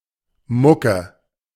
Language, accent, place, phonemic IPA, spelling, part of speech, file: German, Germany, Berlin, /ˈmʊkə/, Mucke, noun, De-Mucke.ogg
- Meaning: 1. quirk, flaw 2. music 3. a gig or performance of a musician to gain secondary income 4. archaic form of Mücke